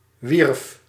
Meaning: singular past indicative of werven
- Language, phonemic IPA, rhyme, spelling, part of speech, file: Dutch, /ʋirf/, -irf, wierf, verb, Nl-wierf.ogg